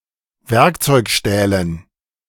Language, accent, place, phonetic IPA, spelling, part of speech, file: German, Germany, Berlin, [ˈvɛʁkt͡sɔɪ̯kˌʃtɛːlən], Werkzeugstählen, noun, De-Werkzeugstählen.ogg
- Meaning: dative plural of Werkzeugstahl